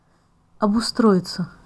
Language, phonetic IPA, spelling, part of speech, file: Russian, [ɐbʊˈstroɪt͡sə], обустроиться, verb, Ru-обустроиться.ogg
- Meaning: 1. to settle down, to provide oneself with the necessary conveniences/amenities, to make one's home more comfortable 2. passive of обустро́ить (obustróitʹ)